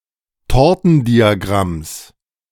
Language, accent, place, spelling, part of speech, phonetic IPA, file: German, Germany, Berlin, Tortendiagramms, noun, [ˈtɔʁtn̩diaˌɡʁams], De-Tortendiagramms.ogg
- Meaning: genitive singular of Tortendiagramm